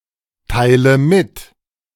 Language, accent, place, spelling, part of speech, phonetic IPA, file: German, Germany, Berlin, teile mit, verb, [ˌtaɪ̯lə ˈmɪt], De-teile mit.ogg
- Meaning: inflection of mitteilen: 1. first-person singular present 2. first/third-person singular subjunctive I 3. singular imperative